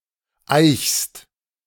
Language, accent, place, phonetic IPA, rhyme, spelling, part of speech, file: German, Germany, Berlin, [aɪ̯çst], -aɪ̯çst, eichst, verb, De-eichst.ogg
- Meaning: second-person singular present of eichen